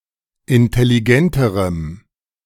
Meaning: strong dative masculine/neuter singular comparative degree of intelligent
- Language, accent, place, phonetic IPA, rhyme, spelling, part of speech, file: German, Germany, Berlin, [ɪntɛliˈɡɛntəʁəm], -ɛntəʁəm, intelligenterem, adjective, De-intelligenterem.ogg